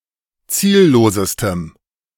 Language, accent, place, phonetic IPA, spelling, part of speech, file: German, Germany, Berlin, [ˈt͡siːlloːsəstəm], ziellosestem, adjective, De-ziellosestem.ogg
- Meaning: strong dative masculine/neuter singular superlative degree of ziellos